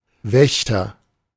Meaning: guard (person who guards)
- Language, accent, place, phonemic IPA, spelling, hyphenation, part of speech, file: German, Germany, Berlin, /ˈvɛçtɐ/, Wächter, Wäch‧ter, noun, De-Wächter.ogg